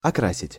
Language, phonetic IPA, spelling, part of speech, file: Russian, [ɐˈkrasʲɪtʲ], окрасить, verb, Ru-окрасить.ogg
- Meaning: 1. to tincture, to paint, to dye 2. to tinge (with)